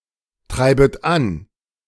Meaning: second-person plural subjunctive I of antreiben
- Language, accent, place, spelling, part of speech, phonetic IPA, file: German, Germany, Berlin, treibet an, verb, [ˌtʁaɪ̯bət ˈan], De-treibet an.ogg